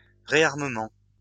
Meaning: rearmament
- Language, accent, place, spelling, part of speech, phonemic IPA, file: French, France, Lyon, réarmement, noun, /ʁe.aʁ.mə.mɑ̃/, LL-Q150 (fra)-réarmement.wav